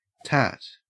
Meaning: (noun) 1. Cheap and vulgar tastelessness; sleaze 2. Cheap, tasteless, useless goods; trinkets 3. Gunny cloth made from the fibre of the Corchorus olitorius (jute)
- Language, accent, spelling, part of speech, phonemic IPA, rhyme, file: English, Australia, tat, noun / verb, /tæt/, -æt, En-au-tat.ogg